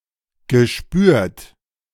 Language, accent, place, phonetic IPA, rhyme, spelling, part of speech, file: German, Germany, Berlin, [ɡəˈʃpyːɐ̯t], -yːɐ̯t, gespürt, verb, De-gespürt.ogg
- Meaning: past participle of spüren